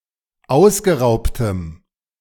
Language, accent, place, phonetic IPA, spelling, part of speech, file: German, Germany, Berlin, [ˈaʊ̯sɡəˌʁaʊ̯ptəm], ausgeraubtem, adjective, De-ausgeraubtem.ogg
- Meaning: strong dative masculine/neuter singular of ausgeraubt